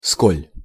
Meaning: how much
- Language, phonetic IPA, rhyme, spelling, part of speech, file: Russian, [skolʲ], -olʲ, сколь, adverb, Ru-сколь.ogg